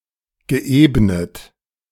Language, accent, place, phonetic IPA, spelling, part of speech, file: German, Germany, Berlin, [ɡəˈʔeːbnət], geebnet, verb, De-geebnet.ogg
- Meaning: past participle of ebnen